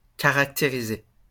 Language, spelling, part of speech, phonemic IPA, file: French, caractériser, verb, /ka.ʁak.te.ʁi.ze/, LL-Q150 (fra)-caractériser.wav
- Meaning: to characterize